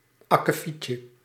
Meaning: 1. a chore, small job 2. something insignificant 3. a minor problem, something that went wrong 4. a nasty job
- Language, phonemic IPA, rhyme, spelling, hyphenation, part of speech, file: Dutch, /ˌɑ.kəˈfitjə/, -itjə, akkefietje, ak‧ke‧fiet‧je, noun, Nl-akkefietje.ogg